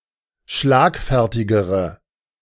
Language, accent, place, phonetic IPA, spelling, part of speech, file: German, Germany, Berlin, [ˈʃlaːkˌfɛʁtɪɡəʁə], schlagfertigere, adjective, De-schlagfertigere.ogg
- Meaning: inflection of schlagfertig: 1. strong/mixed nominative/accusative feminine singular comparative degree 2. strong nominative/accusative plural comparative degree